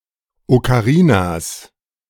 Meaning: plural of Okarina
- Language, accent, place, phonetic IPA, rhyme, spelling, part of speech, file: German, Germany, Berlin, [okaˈʁiːnas], -iːnas, Okarinas, noun, De-Okarinas.ogg